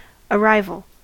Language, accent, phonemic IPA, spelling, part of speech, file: English, US, /əˈɹaɪ.vl̩/, arrival, noun, En-us-arrival.ogg
- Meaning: 1. The act of arriving (reaching a certain place) 2. The fact of reaching a particular point in time 3. The fact of beginning to occur; the initial phase of something